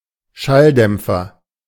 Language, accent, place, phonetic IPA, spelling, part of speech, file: German, Germany, Berlin, [ˈʃalˌdɛmp͡fɐ], Schalldämpfer, noun, De-Schalldämpfer.ogg
- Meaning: 1. silencer 2. muffler (part of exhaust pipe)